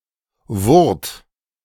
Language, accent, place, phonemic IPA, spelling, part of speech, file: German, Germany, Berlin, /vʊʁt/, Wurt, noun, De-Wurt.ogg
- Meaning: man-made hill or elevation (as used in low areas to protect farmhouses against flooding)